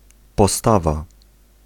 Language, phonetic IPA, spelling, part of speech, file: Polish, [pɔˈstava], postawa, noun, Pl-postawa.ogg